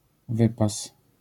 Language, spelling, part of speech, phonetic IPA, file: Polish, wypas, noun, [ˈvɨpas], LL-Q809 (pol)-wypas.wav